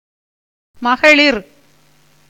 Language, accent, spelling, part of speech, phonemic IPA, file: Tamil, India, மகளிர், noun, /mɐɡɐɭɪɾ/, Ta-மகளிர்.ogg
- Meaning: women, womankind